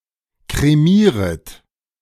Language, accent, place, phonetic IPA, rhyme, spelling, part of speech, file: German, Germany, Berlin, [kʁeˈmiːʁət], -iːʁət, kremieret, verb, De-kremieret.ogg
- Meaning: second-person plural subjunctive I of kremieren